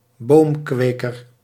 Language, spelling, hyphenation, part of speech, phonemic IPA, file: Dutch, boomkweker, boom‧kwe‧ker, noun, /ˈboːmˌkʋeː.kər/, Nl-boomkweker.ogg
- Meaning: tree farmer, one who grows and cultivates trees, usually professionally